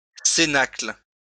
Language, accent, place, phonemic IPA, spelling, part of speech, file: French, France, Lyon, /se.nakl/, cénacle, noun, LL-Q150 (fra)-cénacle.wav
- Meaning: cenacle (all senses)